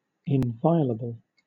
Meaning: 1. Not violable; not to be infringed 2. Not susceptible to violence, or of being profaned, corrupted, or dishonoured 3. Incapable of being injured or invaded; indestructible
- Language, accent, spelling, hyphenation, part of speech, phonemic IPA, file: English, Southern England, inviolable, in‧vi‧o‧la‧ble, adjective, /ɪnˈvaɪələbl̩/, LL-Q1860 (eng)-inviolable.wav